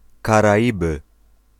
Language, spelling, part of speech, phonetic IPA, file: Polish, Karaiby, proper noun, [ˌkaraˈʲibɨ], Pl-Karaiby.ogg